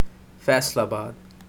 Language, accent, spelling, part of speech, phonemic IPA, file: English, Pakistan, Faisalabad, proper noun, /fɑːɪsɑːlˌbɑːd/, En-Faisalabad.oga
- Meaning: A city in Punjab, Pakistan